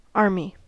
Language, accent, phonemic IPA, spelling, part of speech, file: English, US, /ˈɑɹ.mi/, army, noun, En-us-army.ogg
- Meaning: A large, highly organized military force, concerned mainly with ground (rather than air or naval) operations